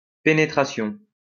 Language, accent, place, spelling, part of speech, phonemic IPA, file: French, France, Lyon, pénétration, noun, /pe.ne.tʁa.sjɔ̃/, LL-Q150 (fra)-pénétration.wav
- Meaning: penetration